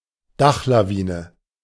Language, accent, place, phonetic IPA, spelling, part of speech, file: German, Germany, Berlin, [ˈdaxlaˌviːnə], Dachlawine, noun, De-Dachlawine.ogg
- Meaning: roof avalanche